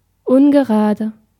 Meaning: 1. odd (not divisible by two) 2. uneven
- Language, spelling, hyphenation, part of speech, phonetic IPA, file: German, ungerade, un‧ge‧ra‧de, adjective, [ˈʔʊnɡəˌʁaːdə], De-ungerade.ogg